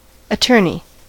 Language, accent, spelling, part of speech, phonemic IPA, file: English, US, attorney, noun / verb, /əˈtɜɹni/, En-us-attorney.ogg
- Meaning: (noun) A lawyer; one who advises or represents others in legal matters as a profession